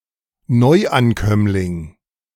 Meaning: newcomer
- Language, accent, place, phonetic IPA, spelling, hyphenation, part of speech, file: German, Germany, Berlin, [ˈnɔɪ̯ʔanˌkœmlɪŋ], Neuankömmling, Neu‧an‧kömm‧ling, noun, De-Neuankömmling.ogg